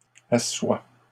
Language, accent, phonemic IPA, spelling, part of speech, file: French, Canada, /a.swa/, assoies, verb, LL-Q150 (fra)-assoies.wav
- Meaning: second-person singular present subjunctive of asseoir